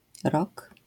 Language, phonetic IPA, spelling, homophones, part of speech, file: Polish, [rɔk], rock, rok, noun, LL-Q809 (pol)-rock.wav